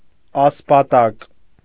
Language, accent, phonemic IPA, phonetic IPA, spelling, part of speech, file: Armenian, Eastern Armenian, /ɑspɑˈtɑk/, [ɑspɑtɑ́k], ասպատակ, noun, Hy-ասպատակ.ogg
- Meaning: 1. raider, plunderer 2. raid, inroad, incursion